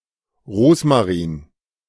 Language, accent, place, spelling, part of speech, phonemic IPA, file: German, Germany, Berlin, Rosmarin, noun, /ˈʁoːsmaˌʁiːn/, De-Rosmarin.ogg
- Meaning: rosemary (Salvia rosmarinus, syn. Rosmarinus officinalis)